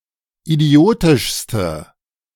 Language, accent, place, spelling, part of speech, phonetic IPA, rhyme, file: German, Germany, Berlin, idiotischste, adjective, [iˈdi̯oːtɪʃstə], -oːtɪʃstə, De-idiotischste.ogg
- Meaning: inflection of idiotisch: 1. strong/mixed nominative/accusative feminine singular superlative degree 2. strong nominative/accusative plural superlative degree